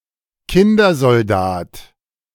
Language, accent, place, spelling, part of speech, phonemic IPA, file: German, Germany, Berlin, Kindersoldat, noun, /ˈkɪndɐzɔlˌdaːt/, De-Kindersoldat.ogg
- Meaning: child soldier